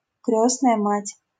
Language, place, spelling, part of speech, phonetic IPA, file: Russian, Saint Petersburg, крёстная мать, noun, [ˈkrʲɵsnəjə matʲ], LL-Q7737 (rus)-крёстная мать.wav
- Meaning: godmother